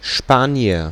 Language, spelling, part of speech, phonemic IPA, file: German, Spanier, noun, /ˈʃpaːni̯ər/, De-Spanier.ogg
- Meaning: 1. Spaniard 2. Spanish restaurant